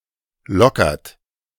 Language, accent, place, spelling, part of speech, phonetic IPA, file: German, Germany, Berlin, lockert, verb, [ˈlɔkɐt], De-lockert.ogg
- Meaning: inflection of lockern: 1. third-person singular present 2. second-person plural present 3. plural imperative